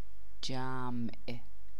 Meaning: 1. crowd 2. addition 3. plural
- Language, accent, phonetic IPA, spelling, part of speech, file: Persian, Iran, [d͡ʒǽmʔ], جمع, noun, Fa-جمع.ogg